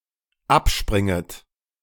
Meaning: second-person plural dependent subjunctive I of abspringen
- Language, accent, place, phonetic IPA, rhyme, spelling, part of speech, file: German, Germany, Berlin, [ˈapˌʃpʁɪŋət], -apʃpʁɪŋət, abspringet, verb, De-abspringet.ogg